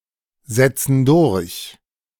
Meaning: inflection of durchsetzen: 1. first/third-person plural present 2. first/third-person plural subjunctive I
- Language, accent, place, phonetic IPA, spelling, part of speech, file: German, Germany, Berlin, [ˌzɛt͡sn̩ ˈdʊʁç], setzen durch, verb, De-setzen durch.ogg